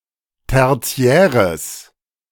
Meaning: strong/mixed nominative/accusative neuter singular of tertiär
- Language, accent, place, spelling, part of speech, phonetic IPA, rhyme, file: German, Germany, Berlin, tertiäres, adjective, [ˌtɛʁˈt͡si̯ɛːʁəs], -ɛːʁəs, De-tertiäres.ogg